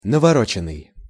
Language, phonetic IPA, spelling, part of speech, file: Russian, [nəvɐˈrot͡ɕɪn(ː)ɨj], навороченный, verb / adjective, Ru-навороченный.ogg
- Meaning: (verb) past passive perfective participle of навороти́ть (navorotítʹ); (adjective) equipped with numerous additional features or modifications, tricked-out, loaded